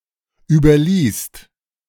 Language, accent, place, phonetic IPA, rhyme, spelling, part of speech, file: German, Germany, Berlin, [ˌyːbɐˈliːst], -iːst, überließt, verb, De-überließt.ogg
- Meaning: second-person singular/plural preterite of überlassen